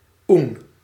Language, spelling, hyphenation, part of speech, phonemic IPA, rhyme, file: Dutch, oen, oen, noun, /un/, -un, Nl-oen.ogg
- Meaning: 1. a nincompoop, moron, dumb person 2. a castrated donkey